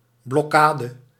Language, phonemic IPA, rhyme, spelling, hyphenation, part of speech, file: Dutch, /ˌblɔˈkaː.də/, -aːdə, blokkade, blok‧ka‧de, noun, Nl-blokkade.ogg
- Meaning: blockade